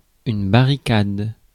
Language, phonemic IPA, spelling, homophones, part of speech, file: French, /ba.ʁi.kad/, barricade, barricadent / barricades, noun / verb, Fr-barricade.ogg
- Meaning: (noun) barricade; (verb) inflection of barricader: 1. first/third-person singular present indicative/subjunctive 2. second-person singular imperative